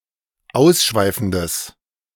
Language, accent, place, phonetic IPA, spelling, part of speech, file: German, Germany, Berlin, [ˈaʊ̯sˌʃvaɪ̯fn̩dəs], ausschweifendes, adjective, De-ausschweifendes.ogg
- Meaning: strong/mixed nominative/accusative neuter singular of ausschweifend